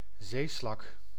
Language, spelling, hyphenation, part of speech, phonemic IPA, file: Dutch, zeeslak, zee‧slak, noun, /ˈzeː.slɑk/, Nl-zeeslak.ogg
- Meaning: marine snail or slug